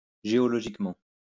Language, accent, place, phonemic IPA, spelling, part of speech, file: French, France, Lyon, /ʒe.ɔ.lɔ.ʒik.mɑ̃/, géologiquement, adverb, LL-Q150 (fra)-géologiquement.wav
- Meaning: geologically (with respect to geology)